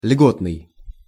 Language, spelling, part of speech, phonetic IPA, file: Russian, льготный, adjective, [ˈlʲɡotnɨj], Ru-льготный.ogg
- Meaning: preferential, privileged